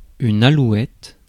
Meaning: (noun) lark (bird); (interjection) Used at the end of a long list of items; and a partridge in a pear tree
- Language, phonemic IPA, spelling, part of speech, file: French, /a.lwɛt/, alouette, noun / interjection, Fr-alouette.ogg